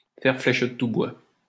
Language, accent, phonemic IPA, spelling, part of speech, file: French, France, /fɛʁ flɛʃ də tu bwa/, faire flèche de tout bois, verb, LL-Q150 (fra)-faire flèche de tout bois.wav
- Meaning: to catch as catch can (to use all available means, to use everything at one's disposal, to take advantage of every resource in one's environment, to be resourceful)